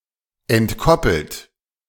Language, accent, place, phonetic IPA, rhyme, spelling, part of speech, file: German, Germany, Berlin, [ɛntˈkɔpl̩t], -ɔpl̩t, entkoppelt, verb, De-entkoppelt.ogg
- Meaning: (verb) past participle of entkoppeln; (adjective) 1. uncoupled 2. decoupled